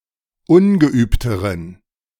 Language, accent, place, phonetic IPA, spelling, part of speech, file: German, Germany, Berlin, [ˈʊnɡəˌʔyːptəʁən], ungeübteren, adjective, De-ungeübteren.ogg
- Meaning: inflection of ungeübt: 1. strong genitive masculine/neuter singular comparative degree 2. weak/mixed genitive/dative all-gender singular comparative degree